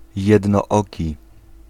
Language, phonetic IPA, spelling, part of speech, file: Polish, [ˌjɛdnɔˈːci], jednooki, adjective / noun, Pl-jednooki.ogg